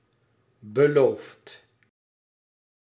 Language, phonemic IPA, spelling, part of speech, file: Dutch, /bəˈloft/, beloofd, verb, Nl-beloofd.ogg
- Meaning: past participle of beloven